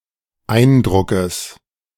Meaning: genitive singular of Eindruck
- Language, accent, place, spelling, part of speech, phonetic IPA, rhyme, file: German, Germany, Berlin, Eindruckes, noun, [ˈaɪ̯nˌdʁʊkəs], -aɪ̯ndʁʊkəs, De-Eindruckes.ogg